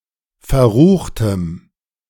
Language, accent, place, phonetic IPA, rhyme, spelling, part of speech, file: German, Germany, Berlin, [fɛɐ̯ˈʁuːxtəm], -uːxtəm, verruchtem, adjective, De-verruchtem.ogg
- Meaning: strong dative masculine/neuter singular of verrucht